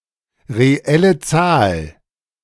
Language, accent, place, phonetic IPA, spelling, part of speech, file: German, Germany, Berlin, [ʁeˈɛlə ˈt͡saːl], reelle Zahl, phrase, De-reelle Zahl.ogg
- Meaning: real number (element of the real numbers)